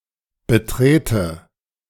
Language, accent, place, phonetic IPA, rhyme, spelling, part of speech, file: German, Germany, Berlin, [bəˈtʁeːtə], -eːtə, betrete, verb, De-betrete.ogg
- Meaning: inflection of betreten: 1. first-person singular present 2. first/third-person singular subjunctive I